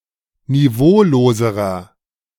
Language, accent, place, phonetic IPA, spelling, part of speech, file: German, Germany, Berlin, [niˈvoːloːzəʁɐ], niveauloserer, adjective, De-niveauloserer.ogg
- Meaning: inflection of niveaulos: 1. strong/mixed nominative masculine singular comparative degree 2. strong genitive/dative feminine singular comparative degree 3. strong genitive plural comparative degree